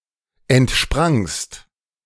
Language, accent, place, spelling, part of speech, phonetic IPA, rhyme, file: German, Germany, Berlin, entsprangst, verb, [ɛntˈʃpʁaŋst], -aŋst, De-entsprangst.ogg
- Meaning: second-person singular preterite of entspringen